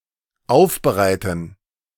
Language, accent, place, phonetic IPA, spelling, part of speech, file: German, Germany, Berlin, [ˈaʊ̯fbəˌʁaɪ̯tn̩], aufbereiten, verb, De-aufbereiten.ogg
- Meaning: 1. to process 2. to condition